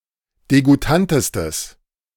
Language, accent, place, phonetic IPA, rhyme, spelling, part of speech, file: German, Germany, Berlin, [deɡuˈtantəstəs], -antəstəs, degoutantestes, adjective, De-degoutantestes.ogg
- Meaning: strong/mixed nominative/accusative neuter singular superlative degree of degoutant